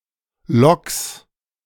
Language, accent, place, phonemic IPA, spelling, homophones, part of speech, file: German, Germany, Berlin, /lɔks/, Loks, Logs, noun, De-Loks.ogg
- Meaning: plural of Lok